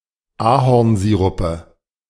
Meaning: nominative/accusative/genitive plural of Ahornsirup
- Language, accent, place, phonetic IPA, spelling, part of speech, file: German, Germany, Berlin, [ˈaːhɔʁnˌziːʁʊpə], Ahornsirupe, noun, De-Ahornsirupe.ogg